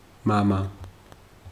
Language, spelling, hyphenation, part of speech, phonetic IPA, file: Georgian, მამა, მა‧მა, noun, [mämä], Ka-მამა.ogg
- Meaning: father